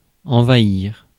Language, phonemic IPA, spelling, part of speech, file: French, /ɑ̃.va.iʁ/, envahir, verb, Fr-envahir.ogg
- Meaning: 1. to invade 2. to stretch, to overgrow, to fill 3. to come over (someone) or wash over (someone), as a feeling